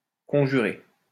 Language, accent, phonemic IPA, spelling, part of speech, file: French, France, /kɔ̃.ʒy.ʁe/, conjurer, verb, LL-Q150 (fra)-conjurer.wav
- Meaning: 1. to beseech, to beg 2. to ward off 3. to conspire, to plot, to conjure 4. to conjure